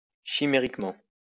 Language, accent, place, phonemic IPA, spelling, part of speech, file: French, France, Lyon, /ʃi.me.ʁik.mɑ̃/, chimériquement, adverb, LL-Q150 (fra)-chimériquement.wav
- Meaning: chimerically